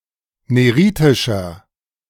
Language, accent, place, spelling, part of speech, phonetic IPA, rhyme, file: German, Germany, Berlin, neritischer, adjective, [ˌneˈʁiːtɪʃɐ], -iːtɪʃɐ, De-neritischer.ogg
- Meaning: inflection of neritisch: 1. strong/mixed nominative masculine singular 2. strong genitive/dative feminine singular 3. strong genitive plural